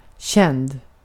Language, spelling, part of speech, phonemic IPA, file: Swedish, känd, verb / adjective, /ˈɕɛnd/, Sv-känd.ogg
- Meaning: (verb) past participle of känna; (adjective) 1. known 2. famous